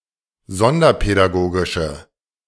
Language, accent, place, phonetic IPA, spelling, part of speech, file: German, Germany, Berlin, [ˈzɔndɐpɛdaˌɡoːɡɪʃə], sonderpädagogische, adjective, De-sonderpädagogische.ogg
- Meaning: inflection of sonderpädagogisch: 1. strong/mixed nominative/accusative feminine singular 2. strong nominative/accusative plural 3. weak nominative all-gender singular